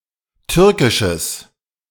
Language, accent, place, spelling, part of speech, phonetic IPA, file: German, Germany, Berlin, türkisches, adjective, [ˈtʏʁkɪʃəs], De-türkisches.ogg
- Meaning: strong/mixed nominative/accusative neuter singular of türkisch